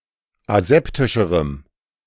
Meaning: strong dative masculine/neuter singular comparative degree of aseptisch
- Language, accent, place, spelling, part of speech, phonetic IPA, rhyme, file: German, Germany, Berlin, aseptischerem, adjective, [aˈzɛptɪʃəʁəm], -ɛptɪʃəʁəm, De-aseptischerem.ogg